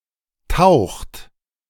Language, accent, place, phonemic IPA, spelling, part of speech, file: German, Germany, Berlin, /taʊ̯xt/, taucht, verb, De-taucht.ogg
- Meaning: inflection of tauchen: 1. third-person singular present 2. second-person plural present 3. plural imperative